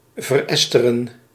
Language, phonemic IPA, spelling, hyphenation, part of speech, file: Dutch, /vərˈɛs.tə.rə(n)/, veresteren, ver‧es‧te‧ren, verb, Nl-veresteren.ogg
- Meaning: to esterify, to turn (be turned) into an ester